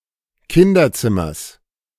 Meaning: genitive singular of Kinderzimmer
- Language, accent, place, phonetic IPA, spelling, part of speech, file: German, Germany, Berlin, [ˈkɪndɐˌt͡sɪmɐs], Kinderzimmers, noun, De-Kinderzimmers.ogg